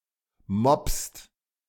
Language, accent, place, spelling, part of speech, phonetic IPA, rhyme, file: German, Germany, Berlin, mopst, verb, [mɔpst], -ɔpst, De-mopst.ogg
- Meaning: inflection of mopsen: 1. second-person singular/plural present 2. third-person singular present 3. plural imperative